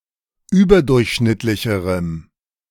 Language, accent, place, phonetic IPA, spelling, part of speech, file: German, Germany, Berlin, [ˈyːbɐˌdʊʁçʃnɪtlɪçəʁəm], überdurchschnittlicherem, adjective, De-überdurchschnittlicherem.ogg
- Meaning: strong dative masculine/neuter singular comparative degree of überdurchschnittlich